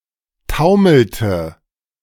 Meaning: inflection of taumeln: 1. first/third-person singular preterite 2. first/third-person singular subjunctive II
- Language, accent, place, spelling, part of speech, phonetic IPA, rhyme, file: German, Germany, Berlin, taumelte, verb, [ˈtaʊ̯ml̩tə], -aʊ̯ml̩tə, De-taumelte.ogg